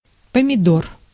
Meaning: tomato
- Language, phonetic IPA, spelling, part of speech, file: Russian, [pəmʲɪˈdor], помидор, noun, Ru-помидор.ogg